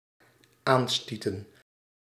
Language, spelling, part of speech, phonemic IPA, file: Dutch, aanstieten, verb, /ˈanstitə(n)/, Nl-aanstieten.ogg
- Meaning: inflection of aanstoten: 1. plural dependent-clause past indicative 2. plural dependent-clause past subjunctive